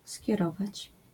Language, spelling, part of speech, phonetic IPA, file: Polish, skierować, verb, [sʲcɛˈrɔvat͡ɕ], LL-Q809 (pol)-skierować.wav